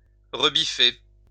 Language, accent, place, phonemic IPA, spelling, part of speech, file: French, France, Lyon, /ʁə.bi.fe/, rebiffer, verb, LL-Q150 (fra)-rebiffer.wav
- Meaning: to rebel, revolt